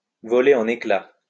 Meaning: to be smashed to pieces, to be smashed to bits, to shatter
- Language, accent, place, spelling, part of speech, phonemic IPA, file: French, France, Lyon, voler en éclats, verb, /vɔ.le ɑ̃.n‿e.kla/, LL-Q150 (fra)-voler en éclats.wav